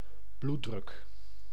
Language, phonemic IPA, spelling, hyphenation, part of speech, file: Dutch, /ˈblu(t).drʏk/, bloeddruk, bloed‧druk, noun, Nl-bloeddruk.ogg
- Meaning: blood pressure